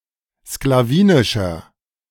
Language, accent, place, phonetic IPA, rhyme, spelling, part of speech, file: German, Germany, Berlin, [sklaˈviːnɪʃɐ], -iːnɪʃɐ, sklawinischer, adjective, De-sklawinischer.ogg
- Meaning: inflection of sklawinisch: 1. strong/mixed nominative masculine singular 2. strong genitive/dative feminine singular 3. strong genitive plural